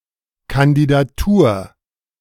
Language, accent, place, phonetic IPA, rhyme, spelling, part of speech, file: German, Germany, Berlin, [kandidaˈtuːɐ̯], -uːɐ̯, Kandidatur, noun, De-Kandidatur.ogg
- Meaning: candidacy, candidature